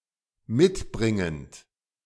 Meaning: present participle of mitbringen
- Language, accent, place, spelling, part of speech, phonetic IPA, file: German, Germany, Berlin, mitbringend, verb, [ˈmɪtˌbʁɪŋənt], De-mitbringend.ogg